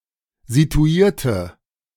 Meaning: inflection of situiert: 1. strong/mixed nominative/accusative feminine singular 2. strong nominative/accusative plural 3. weak nominative all-gender singular
- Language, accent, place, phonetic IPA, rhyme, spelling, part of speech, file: German, Germany, Berlin, [zituˈiːɐ̯tə], -iːɐ̯tə, situierte, adjective / verb, De-situierte.ogg